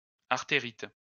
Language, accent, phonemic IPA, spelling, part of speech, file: French, France, /aʁ.te.ʁit/, artérite, noun, LL-Q150 (fra)-artérite.wav
- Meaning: arteritis